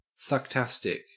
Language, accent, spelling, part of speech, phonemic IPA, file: English, Australia, sucktastic, adjective, /sʌkˈtæstɪk/, En-au-sucktastic.ogg
- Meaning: Bad; terrible